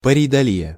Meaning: pareidolia
- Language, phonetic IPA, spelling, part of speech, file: Russian, [pərʲɪjdɐˈlʲijə], парейдолия, noun, Ru-парейдолия.ogg